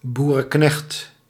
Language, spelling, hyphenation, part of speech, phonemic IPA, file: Dutch, boerenknecht, boe‧ren‧knecht, noun, /ˌbu.rə(n)ˈknɛxt/, Nl-boerenknecht.ogg
- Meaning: a farmhand or ranchhand, an agricultural employee under supervision